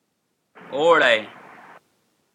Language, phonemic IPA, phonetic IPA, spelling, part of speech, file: Pashto, /o.ɽaɪ/, [ó.ɻa̝ɪ̯], اوړی, noun, اوړی.ogg
- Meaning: summer